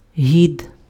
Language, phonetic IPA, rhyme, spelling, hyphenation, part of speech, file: Ukrainian, [ɦʲid], -id, гід, гід, noun, Uk-гід.ogg
- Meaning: guide